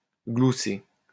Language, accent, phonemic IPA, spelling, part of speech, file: French, France, /ɡlu.se/, glousser, verb, LL-Q150 (fra)-glousser.wav
- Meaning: 1. to cluck (make the noise of a chicken) 2. to gobble (make the noise of a turkey) 3. to chortle, to giggle